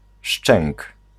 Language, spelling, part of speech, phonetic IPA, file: Polish, szczęk, noun, [ʃt͡ʃɛ̃ŋk], Pl-szczęk.ogg